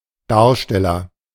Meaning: actor, player, performer
- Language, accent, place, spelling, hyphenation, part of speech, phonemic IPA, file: German, Germany, Berlin, Darsteller, Dar‧stel‧ler, noun, /ˈdaːɐ̯ʃtɛlɐ/, De-Darsteller.ogg